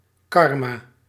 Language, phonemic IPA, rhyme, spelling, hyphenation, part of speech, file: Dutch, /ˈkɑr.mɑ/, -ɑrmɑ, karma, kar‧ma, noun, Nl-karma.ogg
- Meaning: karma